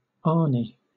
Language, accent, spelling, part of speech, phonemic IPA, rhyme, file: English, Southern England, ani, noun, /ˈɑː.ni/, -ɑːni, LL-Q1860 (eng)-ani.wav
- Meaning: Any bird of the genus Crotophaga in the cuckoo family